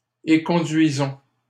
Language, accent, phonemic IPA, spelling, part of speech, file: French, Canada, /e.kɔ̃.dɥi.zɔ̃/, éconduisons, verb, LL-Q150 (fra)-éconduisons.wav
- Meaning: inflection of éconduire: 1. first-person plural present indicative 2. first-person plural imperative